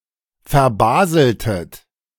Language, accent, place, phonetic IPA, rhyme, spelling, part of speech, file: German, Germany, Berlin, [fɛɐ̯ˈbaːzl̩tət], -aːzl̩tət, verbaseltet, verb, De-verbaseltet.ogg
- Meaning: inflection of verbaseln: 1. second-person plural preterite 2. second-person plural subjunctive II